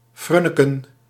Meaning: to fidget, fiddle
- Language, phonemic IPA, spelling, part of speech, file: Dutch, /ˈfrʏnəkə(n)/, frunniken, verb, Nl-frunniken.ogg